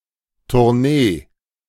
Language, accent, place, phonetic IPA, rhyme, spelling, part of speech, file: German, Germany, Berlin, [tʊʁˈneː], -eː, Tournee, noun, De-Tournee.ogg
- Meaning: tour